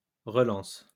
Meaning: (noun) 1. reminder 2. economic revival, boost; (verb) inflection of relancer: 1. first/third-person singular present indicative/subjunctive 2. second-person singular imperative
- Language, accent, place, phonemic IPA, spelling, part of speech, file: French, France, Lyon, /ʁə.lɑ̃s/, relance, noun / verb, LL-Q150 (fra)-relance.wav